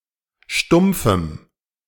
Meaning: strong dative masculine/neuter singular of stumpf
- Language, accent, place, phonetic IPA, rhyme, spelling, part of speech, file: German, Germany, Berlin, [ˈʃtʊmp͡fm̩], -ʊmp͡fm̩, stumpfem, adjective, De-stumpfem.ogg